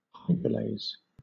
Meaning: An enzyme that catalyzes the hydrolysis of a substrate
- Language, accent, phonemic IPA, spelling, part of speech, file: English, Southern England, /ˈhaɪdɹəleɪz/, hydrolase, noun, LL-Q1860 (eng)-hydrolase.wav